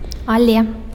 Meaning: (conjunction) but (rather); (particle) yes
- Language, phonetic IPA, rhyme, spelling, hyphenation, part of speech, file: Belarusian, [aˈlʲe], -e, але, але, conjunction / particle, Be-але.ogg